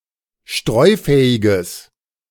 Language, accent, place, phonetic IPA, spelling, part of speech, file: German, Germany, Berlin, [ˈʃtʁɔɪ̯ˌfɛːɪɡəs], streufähiges, adjective, De-streufähiges.ogg
- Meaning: strong/mixed nominative/accusative neuter singular of streufähig